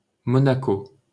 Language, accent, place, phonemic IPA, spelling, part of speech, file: French, France, Paris, /mɔ.na.ko/, Monaco, proper noun, LL-Q150 (fra)-Monaco.wav
- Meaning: Monaco (a city-state in Western Europe)